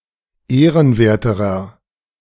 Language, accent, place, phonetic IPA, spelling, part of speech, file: German, Germany, Berlin, [ˈeːʁənˌveːɐ̯təʁɐ], ehrenwerterer, adjective, De-ehrenwerterer.ogg
- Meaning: inflection of ehrenwert: 1. strong/mixed nominative masculine singular comparative degree 2. strong genitive/dative feminine singular comparative degree 3. strong genitive plural comparative degree